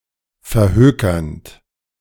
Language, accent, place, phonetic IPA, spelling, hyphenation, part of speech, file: German, Germany, Berlin, [fɛɐ̯ˈhøːkɐnt], verhökernd, ver‧hö‧kernd, verb, De-verhökernd.ogg
- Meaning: present participle of verhökern